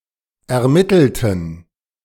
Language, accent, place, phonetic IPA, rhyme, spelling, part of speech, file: German, Germany, Berlin, [ɛɐ̯ˈmɪtl̩tn̩], -ɪtl̩tn̩, ermittelten, adjective / verb, De-ermittelten.ogg
- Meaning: inflection of ermittelt: 1. strong genitive masculine/neuter singular 2. weak/mixed genitive/dative all-gender singular 3. strong/weak/mixed accusative masculine singular 4. strong dative plural